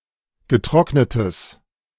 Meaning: strong/mixed nominative/accusative neuter singular of getrocknet
- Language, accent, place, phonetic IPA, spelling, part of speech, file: German, Germany, Berlin, [ɡəˈtʁɔknətəs], getrocknetes, adjective, De-getrocknetes.ogg